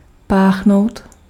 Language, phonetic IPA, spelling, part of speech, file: Czech, [ˈpaːxnou̯t], páchnout, verb, Cs-páchnout.ogg
- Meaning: to reek